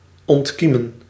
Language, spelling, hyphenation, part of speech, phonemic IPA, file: Dutch, ontkiemen, ont‧kie‧men, verb, /ˌɔntˈki.mə(n)/, Nl-ontkiemen.ogg
- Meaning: to germinate